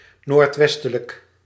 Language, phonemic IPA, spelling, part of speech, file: Dutch, /nortˈwɛstələk/, noordwestelijk, adjective, Nl-noordwestelijk.ogg
- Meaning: northwestern, northwesterly